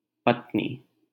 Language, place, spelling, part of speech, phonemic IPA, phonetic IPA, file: Hindi, Delhi, पत्नी, noun, /pət̪.niː/, [pɐt̪̚.niː], LL-Q1568 (hin)-पत्नी.wav
- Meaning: wife